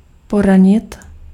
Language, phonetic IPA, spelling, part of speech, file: Czech, [ˈporaɲɪt], poranit, verb, Cs-poranit.ogg
- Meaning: to hurt, injure (physically)